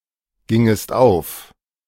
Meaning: second-person singular subjunctive II of aufgehen
- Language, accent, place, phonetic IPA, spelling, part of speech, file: German, Germany, Berlin, [ˌɡɪŋəst ˈaʊ̯f], gingest auf, verb, De-gingest auf.ogg